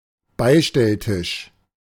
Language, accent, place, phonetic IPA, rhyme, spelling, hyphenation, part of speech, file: German, Germany, Berlin, [ˈbaɪ̯ʃtɛlˌtɪʃ], -ɪʃ, Beistelltisch, Bei‧stell‧tisch, noun, De-Beistelltisch.ogg
- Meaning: side table, occasional table